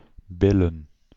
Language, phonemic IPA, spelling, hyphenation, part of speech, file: Dutch, /ˈbɪ.lə(n)/, billen, bil‧len, verb / noun, Nl-billen.ogg
- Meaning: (verb) 1. to sharpen, to apply grooves to a millstone 2. to bed, to have sex with; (noun) plural of bil